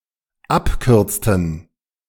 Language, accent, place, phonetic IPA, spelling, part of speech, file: German, Germany, Berlin, [ˈapˌkʏʁt͡stn̩], abkürzten, verb, De-abkürzten.ogg
- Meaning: inflection of abkürzen: 1. first/third-person plural dependent preterite 2. first/third-person plural dependent subjunctive II